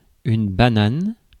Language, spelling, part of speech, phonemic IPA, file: French, banane, noun, /ba.nan/, Fr-banane.ogg
- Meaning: 1. banana (the fruit) 2. chopper, copter, whirlybird (a two-rotor helicopter) 3. bum bag (UK, Australia), fanny pack (US, Canada), moon bag (South Africa) 4. pompadour, quiff (hairstyle)